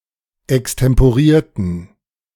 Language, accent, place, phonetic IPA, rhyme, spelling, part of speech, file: German, Germany, Berlin, [ɛkstɛmpoˈʁiːɐ̯tn̩], -iːɐ̯tn̩, extemporierten, adjective / verb, De-extemporierten.ogg
- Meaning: inflection of extemporieren: 1. first/third-person plural preterite 2. first/third-person plural subjunctive II